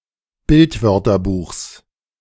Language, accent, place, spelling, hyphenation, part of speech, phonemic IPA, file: German, Germany, Berlin, Bildwörterbuchs, Bild‧wör‧ter‧buchs, noun, /ˈbɪltˌvœʁtɐbuːxs/, De-Bildwörterbuchs.ogg
- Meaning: genitive singular of Bildwörterbuch